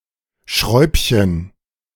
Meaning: diminutive of Schraube
- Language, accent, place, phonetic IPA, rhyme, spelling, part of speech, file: German, Germany, Berlin, [ˈʃʁɔɪ̯pçən], -ɔɪ̯pçən, Schräubchen, noun, De-Schräubchen.ogg